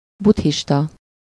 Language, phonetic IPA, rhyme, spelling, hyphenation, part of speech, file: Hungarian, [ˈbuthiʃtɒ], -tɒ, buddhista, budd‧his‧ta, adjective / noun, Hu-buddhista.ogg
- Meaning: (adjective) Buddhist